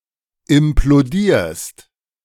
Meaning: second-person singular present of implodieren
- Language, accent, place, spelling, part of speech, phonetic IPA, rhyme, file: German, Germany, Berlin, implodierst, verb, [ɪmploˈdiːɐ̯st], -iːɐ̯st, De-implodierst.ogg